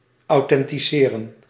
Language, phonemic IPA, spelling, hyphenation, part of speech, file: Dutch, /ɑu̯ˌtɛn.tiˈseː.rə(n)/, authenticeren, au‧then‧ti‧ce‧ren, verb, Nl-authenticeren.ogg
- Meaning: to authenticate